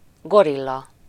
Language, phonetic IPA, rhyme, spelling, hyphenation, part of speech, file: Hungarian, [ˈɡorilːɒ], -lɒ, gorilla, go‧ril‧la, noun, Hu-gorilla.ogg
- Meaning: 1. gorilla 2. gorilla, muscleman, henchman